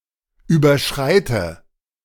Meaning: inflection of überschreiten: 1. first-person singular present 2. first/third-person singular subjunctive I 3. singular imperative
- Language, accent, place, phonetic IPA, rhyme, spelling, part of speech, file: German, Germany, Berlin, [ˌyːbɐˈʃʁaɪ̯tə], -aɪ̯tə, überschreite, verb, De-überschreite.ogg